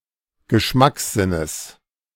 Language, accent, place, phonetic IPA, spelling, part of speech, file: German, Germany, Berlin, [ɡəˈʃmaksˌzɪnəs], Geschmackssinnes, noun, De-Geschmackssinnes.ogg
- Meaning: genitive singular of Geschmackssinn